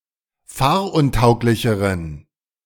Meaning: inflection of fahruntauglich: 1. strong genitive masculine/neuter singular comparative degree 2. weak/mixed genitive/dative all-gender singular comparative degree
- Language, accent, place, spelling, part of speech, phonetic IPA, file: German, Germany, Berlin, fahruntauglicheren, adjective, [ˈfaːɐ̯ʔʊnˌtaʊ̯klɪçəʁən], De-fahruntauglicheren.ogg